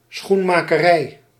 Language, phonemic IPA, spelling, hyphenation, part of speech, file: Dutch, /ˌsxun.maː.kəˈrɛi̯/, schoenmakerij, schoen‧ma‧ke‧rij, noun, Nl-schoenmakerij.ogg
- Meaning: 1. the shoemaker's profession, the shoe-making sector 2. a business where shoes are produced, repaired and sold, a shoemaker's shop